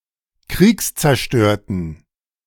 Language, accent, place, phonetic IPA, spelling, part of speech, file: German, Germany, Berlin, [ˈkʁiːkst͡sɛɐ̯ˌʃtøːɐ̯tn̩], kriegszerstörten, adjective, De-kriegszerstörten.ogg
- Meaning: inflection of kriegszerstört: 1. strong genitive masculine/neuter singular 2. weak/mixed genitive/dative all-gender singular 3. strong/weak/mixed accusative masculine singular 4. strong dative plural